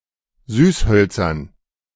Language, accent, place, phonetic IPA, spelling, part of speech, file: German, Germany, Berlin, [ˈzyːsˌhœlt͡sɐn], Süßhölzern, noun, De-Süßhölzern.ogg
- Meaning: dative plural of Süßholz